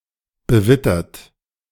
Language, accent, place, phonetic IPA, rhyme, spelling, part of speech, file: German, Germany, Berlin, [bəˈvɪtɐt], -ɪtɐt, bewittert, adjective, De-bewittert.ogg
- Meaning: weathered